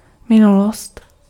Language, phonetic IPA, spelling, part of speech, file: Czech, [ˈmɪnulost], minulost, noun, Cs-minulost.ogg
- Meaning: past (time already happened)